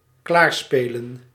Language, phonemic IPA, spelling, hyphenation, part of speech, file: Dutch, /ˈklaːrˌspeː.lə(n)/, klaarspelen, klaar‧spe‧len, verb, Nl-klaarspelen.ogg
- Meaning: to manage to get done